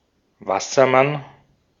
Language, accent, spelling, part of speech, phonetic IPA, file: German, Austria, Wassermann, noun, [ˈvasɐˌman], De-at-Wassermann.ogg
- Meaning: 1. Aquarius, Aquarian 2. merman, water sprite, water spirit